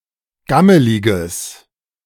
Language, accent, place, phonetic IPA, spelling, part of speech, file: German, Germany, Berlin, [ˈɡaməlɪɡəs], gammeliges, adjective, De-gammeliges.ogg
- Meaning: strong/mixed nominative/accusative neuter singular of gammelig